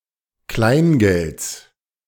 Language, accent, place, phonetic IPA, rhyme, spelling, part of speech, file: German, Germany, Berlin, [ˈklaɪ̯nˌɡɛlt͡s], -aɪ̯nɡɛlt͡s, Kleingelds, noun, De-Kleingelds.ogg
- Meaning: genitive singular of Kleingeld